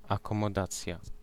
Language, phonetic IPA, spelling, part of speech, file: Polish, [ˌakɔ̃mɔˈdat͡sʲja], akomodacja, noun, Pl-akomodacja.ogg